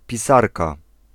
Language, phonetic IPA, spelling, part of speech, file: Polish, [pʲiˈsarka], pisarka, noun, Pl-pisarka.ogg